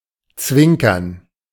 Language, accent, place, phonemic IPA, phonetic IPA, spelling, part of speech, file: German, Germany, Berlin, /ˈtsvɪŋkərn/, [ˈt͡sʋɪŋ.kɐn], zwinkern, verb, De-zwinkern.ogg
- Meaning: to blink, wink